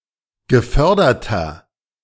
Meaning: inflection of gefördert: 1. strong/mixed nominative masculine singular 2. strong genitive/dative feminine singular 3. strong genitive plural
- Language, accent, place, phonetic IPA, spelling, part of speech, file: German, Germany, Berlin, [ɡəˈfœʁdɐtɐ], geförderter, adjective, De-geförderter.ogg